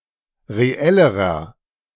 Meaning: inflection of reell: 1. strong/mixed nominative masculine singular comparative degree 2. strong genitive/dative feminine singular comparative degree 3. strong genitive plural comparative degree
- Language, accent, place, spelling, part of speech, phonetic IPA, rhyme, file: German, Germany, Berlin, reellerer, adjective, [ʁeˈɛləʁɐ], -ɛləʁɐ, De-reellerer.ogg